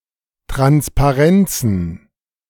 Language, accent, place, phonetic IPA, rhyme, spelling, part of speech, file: German, Germany, Berlin, [tʁanspaˈʁɛnt͡sn̩], -ɛnt͡sn̩, Transparenzen, noun, De-Transparenzen.ogg
- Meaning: plural of Transparenz